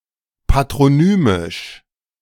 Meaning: 1. patronymic (of, pertaining to, or concerning a patronym) 2. patronymic (derived from the name of the father)
- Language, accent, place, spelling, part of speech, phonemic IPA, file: German, Germany, Berlin, patronymisch, adjective, /patʁoˈnyːmɪʃ/, De-patronymisch.ogg